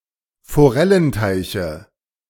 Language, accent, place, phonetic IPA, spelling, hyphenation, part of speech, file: German, Germany, Berlin, [foˈʁɛlənˌtaɪ̯çə], Forellenteiche, Fo‧rel‧len‧tei‧che, noun, De-Forellenteiche.ogg
- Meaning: 1. dative singular of Forellenteich 2. nominative genitive accusative plural of Forellenteich